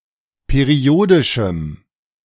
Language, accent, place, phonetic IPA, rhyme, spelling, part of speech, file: German, Germany, Berlin, [peˈʁi̯oːdɪʃm̩], -oːdɪʃm̩, periodischem, adjective, De-periodischem.ogg
- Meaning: strong dative masculine/neuter singular of periodisch